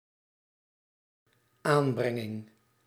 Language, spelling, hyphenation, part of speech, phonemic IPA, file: Dutch, aanbrenging, aan‧bren‧ging, noun, /ˈaːnˌbrɛ.ŋɪŋ/, Nl-aanbrenging.ogg
- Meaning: application